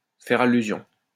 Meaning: to allude
- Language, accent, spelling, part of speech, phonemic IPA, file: French, France, faire allusion, verb, /fɛʁ a.ly.zjɔ̃/, LL-Q150 (fra)-faire allusion.wav